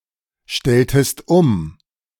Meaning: inflection of umstellen: 1. second-person singular preterite 2. second-person singular subjunctive II
- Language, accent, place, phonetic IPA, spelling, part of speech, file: German, Germany, Berlin, [ˌʃtɛltəst ˈʊm], stelltest um, verb, De-stelltest um.ogg